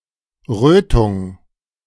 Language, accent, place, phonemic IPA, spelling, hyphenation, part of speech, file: German, Germany, Berlin, /ˈʁøːtʊŋ/, Rötung, Rö‧tung, noun, De-Rötung.ogg
- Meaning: 1. redness, reddening 2. erythema, redness